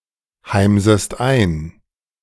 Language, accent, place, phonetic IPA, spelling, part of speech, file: German, Germany, Berlin, [ˌhaɪ̯mzəst ˈaɪ̯n], heimsest ein, verb, De-heimsest ein.ogg
- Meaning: second-person singular subjunctive I of einheimsen